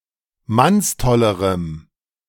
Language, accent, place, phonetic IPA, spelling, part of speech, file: German, Germany, Berlin, [ˈmansˌtɔləʁəm], mannstollerem, adjective, De-mannstollerem.ogg
- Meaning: strong dative masculine/neuter singular comparative degree of mannstoll